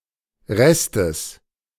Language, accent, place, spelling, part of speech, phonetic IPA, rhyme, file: German, Germany, Berlin, Restes, noun, [ˈʁɛstəs], -ɛstəs, De-Restes.ogg
- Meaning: genitive singular of Rest